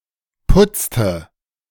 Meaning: inflection of putzen: 1. first/third-person singular preterite 2. first/third-person singular subjunctive II
- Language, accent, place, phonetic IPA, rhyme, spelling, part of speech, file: German, Germany, Berlin, [ˈpʊt͡stə], -ʊt͡stə, putzte, verb, De-putzte.ogg